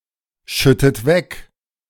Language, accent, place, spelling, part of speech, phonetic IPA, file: German, Germany, Berlin, schüttet weg, verb, [ˌʃʏtət ˈvɛk], De-schüttet weg.ogg
- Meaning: inflection of wegschütten: 1. second-person plural present 2. second-person plural subjunctive I 3. third-person singular present 4. plural imperative